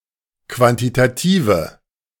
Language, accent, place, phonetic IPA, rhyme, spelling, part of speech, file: German, Germany, Berlin, [ˌkvantitaˈtiːvə], -iːvə, quantitative, adjective, De-quantitative.ogg
- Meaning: inflection of quantitativ: 1. strong/mixed nominative/accusative feminine singular 2. strong nominative/accusative plural 3. weak nominative all-gender singular